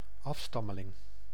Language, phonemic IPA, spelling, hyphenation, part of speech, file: Dutch, /ˈɑf.stɑ.mə.lɪŋ/, afstammeling, af‧stam‧me‧ling, noun, Nl-afstammeling.ogg
- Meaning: descendant